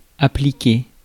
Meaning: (verb) past participle of appliquer; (adjective) 1. diligent, industrious, hardworking, careful 2. applied
- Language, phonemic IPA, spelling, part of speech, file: French, /a.pli.ke/, appliqué, verb / adjective, Fr-appliqué.ogg